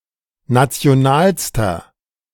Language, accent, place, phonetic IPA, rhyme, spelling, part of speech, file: German, Germany, Berlin, [ˌnat͡si̯oˈnaːlstɐ], -aːlstɐ, nationalster, adjective, De-nationalster.ogg
- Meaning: inflection of national: 1. strong/mixed nominative masculine singular superlative degree 2. strong genitive/dative feminine singular superlative degree 3. strong genitive plural superlative degree